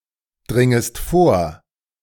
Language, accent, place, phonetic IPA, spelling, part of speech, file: German, Germany, Berlin, [ˌdʁɪŋəst ˈfoːɐ̯], dringest vor, verb, De-dringest vor.ogg
- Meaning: second-person singular subjunctive I of vordringen